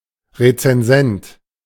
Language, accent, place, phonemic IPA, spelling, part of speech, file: German, Germany, Berlin, /ʁet͡sɛnˈzɛnt/, Rezensent, noun, De-Rezensent.ogg
- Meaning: 1. reviewer 2. creator of a recension of a text